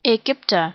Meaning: Egyptian
- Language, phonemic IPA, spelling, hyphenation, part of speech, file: German, /ɛˈɡʏptɐ/, Ägypter, Ägyp‧ter, noun, De-Ägypter.ogg